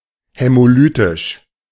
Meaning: haemolytic
- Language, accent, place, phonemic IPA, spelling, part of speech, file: German, Germany, Berlin, /hɛmoˈlyːtɪʃ/, hämolytisch, adjective, De-hämolytisch.ogg